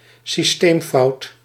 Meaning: system failure, systematic error
- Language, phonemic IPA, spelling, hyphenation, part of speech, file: Dutch, /siˈsteːmˌfɑu̯t/, systeemfout, sys‧teem‧fout, noun, Nl-systeemfout.ogg